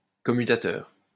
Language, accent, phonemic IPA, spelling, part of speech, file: French, France, /kɔ.my.ta.tœʁ/, commutateur, noun, LL-Q150 (fra)-commutateur.wav
- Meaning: 1. switch (electrical) 2. commutator 3. command line option, switch